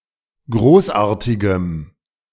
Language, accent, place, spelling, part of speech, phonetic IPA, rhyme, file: German, Germany, Berlin, großartigem, adjective, [ˈɡʁoːsˌʔaːɐ̯tɪɡəm], -oːsʔaːɐ̯tɪɡəm, De-großartigem.ogg
- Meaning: strong dative masculine/neuter singular of großartig